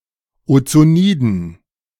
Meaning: dative plural of Ozonid
- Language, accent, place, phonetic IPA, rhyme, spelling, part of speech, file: German, Germany, Berlin, [ot͡soˈniːdn̩], -iːdn̩, Ozoniden, noun, De-Ozoniden.ogg